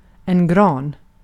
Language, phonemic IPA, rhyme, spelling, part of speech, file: Swedish, /ɡrɑːn/, -ɑːn, gran, noun, Sv-gran.ogg
- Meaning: spruce (mostly the species Picea abies or Norway spruce, the species found most often in Sweden)